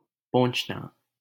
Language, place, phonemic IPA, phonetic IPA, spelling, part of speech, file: Hindi, Delhi, /põːt͡ʃʰ.nɑː/, [põːt͡ʃʰ.näː], पोंछना, verb, LL-Q1568 (hin)-पोंछना.wav
- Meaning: 1. to wipe 2. to dust, clean by wiping